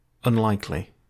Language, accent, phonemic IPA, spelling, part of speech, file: English, UK, /ʌnˈlaɪkli/, unlikely, adjective / adverb / noun, En-GB-unlikely.ogg
- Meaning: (adjective) 1. Not likely; improbable; not to be reasonably expected 2. Not holding out a prospect of success; likely to fail; unpromising; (adverb) In an improbable manner